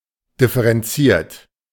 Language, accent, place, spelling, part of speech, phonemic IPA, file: German, Germany, Berlin, differenziert, adjective / verb, /ˌdɪfəʁɛnˈt͡siːɐ̯t/, De-differenziert.ogg
- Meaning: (adjective) nuanced; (verb) 1. past participle of differenzieren 2. inflection of differenzieren: third-person singular present 3. inflection of differenzieren: second-person plural present